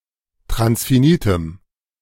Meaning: strong dative masculine/neuter singular of transfinit
- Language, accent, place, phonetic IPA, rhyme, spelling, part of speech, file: German, Germany, Berlin, [tʁansfiˈniːtəm], -iːtəm, transfinitem, adjective, De-transfinitem.ogg